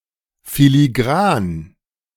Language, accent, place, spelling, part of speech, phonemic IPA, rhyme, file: German, Germany, Berlin, filigran, adjective, /filiˈɡʁaːn/, -aːn, De-filigran.ogg
- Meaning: filigreed (having or resembling filigree ornamentation); (by extension) delicate